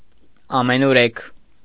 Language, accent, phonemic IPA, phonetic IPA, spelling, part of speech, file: Armenian, Eastern Armenian, /ɑmenuˈɾekʰ/, [ɑmenuɾékʰ], ամենուրեք, adverb, Hy-ամենուրեք.ogg
- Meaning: everywhere (in every place)